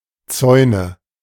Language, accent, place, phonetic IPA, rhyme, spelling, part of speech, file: German, Germany, Berlin, [ˈt͡sɔɪ̯nə], -ɔɪ̯nə, Zäune, noun, De-Zäune.ogg
- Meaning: nominative/accusative/genitive plural of Zaun